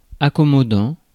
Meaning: accommodating; conciliatory
- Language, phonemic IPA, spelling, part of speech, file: French, /a.kɔ.mɔ.dɑ̃/, accommodant, adjective, Fr-accommodant.ogg